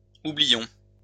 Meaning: inflection of oublier: 1. first-person plural present indicative 2. first-person plural imperative
- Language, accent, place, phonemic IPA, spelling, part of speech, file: French, France, Lyon, /u.bli.jɔ̃/, oublions, verb, LL-Q150 (fra)-oublions.wav